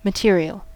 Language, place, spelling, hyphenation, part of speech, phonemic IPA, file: English, California, material, ma‧te‧ri‧al, adjective / noun / verb, /məˈtɪɹ.i.əl/, En-us-material.ogg
- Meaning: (adjective) 1. Of, relating to, or consisting of matter, especially physical 2. Of, relating to, or affecting physical well-being; corporeal; bodily